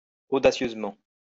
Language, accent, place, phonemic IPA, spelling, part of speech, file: French, France, Lyon, /o.da.sjøz.mɑ̃/, audacieusement, adverb, LL-Q150 (fra)-audacieusement.wav
- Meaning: boldly, audaciously